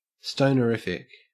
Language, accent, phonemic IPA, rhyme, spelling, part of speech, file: English, Australia, /ˌstoʊ.nəˈɹɪf.ɪk/, -ɪfɪk, stonerific, adjective, En-au-stonerific.ogg
- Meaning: Characteristic of stoners, or recreational drug users